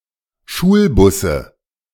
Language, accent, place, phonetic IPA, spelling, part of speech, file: German, Germany, Berlin, [ˈʃuːlˌbʊsə], Schulbusse, noun, De-Schulbusse.ogg
- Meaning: nominative/accusative/genitive plural of Schulbus